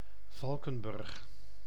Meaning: 1. a city and former municipality of Valkenburg aan de Geul, Limburg, Netherlands 2. a village and former municipality of Katwijk, South Holland, Netherlands 3. a surname
- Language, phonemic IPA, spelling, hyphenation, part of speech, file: Dutch, /ˈvɑl.kə(n)ˌbʏrx/, Valkenburg, Val‧ken‧burg, proper noun, Nl-Valkenburg.ogg